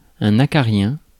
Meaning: mite (an arachnid)
- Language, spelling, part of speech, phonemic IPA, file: French, acarien, noun, /a.ka.ʁjɛ̃/, Fr-acarien.ogg